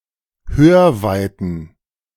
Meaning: plural of Hörweite
- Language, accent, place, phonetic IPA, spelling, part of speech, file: German, Germany, Berlin, [ˈhøːɐ̯ˌvaɪ̯tn̩], Hörweiten, noun, De-Hörweiten.ogg